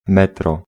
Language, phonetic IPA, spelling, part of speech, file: Polish, [ˈmɛtrɔ], metro, noun, Pl-metro.ogg